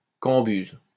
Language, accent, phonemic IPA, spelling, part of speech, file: French, France, /kɑ̃.byz/, cambuse, noun, LL-Q150 (fra)-cambuse.wav
- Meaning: 1. a storeroom 2. a hovel 3. a badly maintained and often ill-famed cabaret or inn